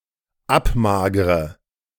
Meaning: inflection of abmagern: 1. first-person singular dependent present 2. first/third-person singular dependent subjunctive I
- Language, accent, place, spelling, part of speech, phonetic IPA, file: German, Germany, Berlin, abmagre, verb, [ˈapˌmaːɡʁə], De-abmagre.ogg